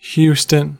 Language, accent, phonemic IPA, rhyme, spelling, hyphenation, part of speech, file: English, General American, /ˈhjustən/, -uːstən, Houston, Hous‧ton, proper noun, En-us-Houston.ogg
- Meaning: 1. A habitational surname 2. A male given name transferred from the surname, of mainly American usage